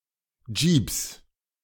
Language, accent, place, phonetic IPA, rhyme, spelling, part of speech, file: German, Germany, Berlin, [d͡ʒiːps], -iːps, Jeeps, noun, De-Jeeps.ogg
- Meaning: 1. plural of Jeep 2. genitive singular of Jeep